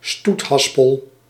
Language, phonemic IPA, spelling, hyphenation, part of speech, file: Dutch, /ˈstutˌɦɑs.pəl/, stoethaspel, stoet‧has‧pel, noun, Nl-stoethaspel.ogg
- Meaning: a clumsy person; a galoot, klutz, butterfingers